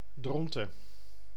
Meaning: Dronten (a village and municipality of Flevoland, Netherlands)
- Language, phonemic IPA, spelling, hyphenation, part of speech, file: Dutch, /ˈdrɔn.tə(n)/, Dronten, Dron‧ten, proper noun, Nl-Dronten.ogg